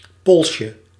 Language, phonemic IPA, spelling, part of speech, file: Dutch, /ˈpɔlʃə/, polsje, noun, Nl-polsje.ogg
- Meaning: diminutive of pols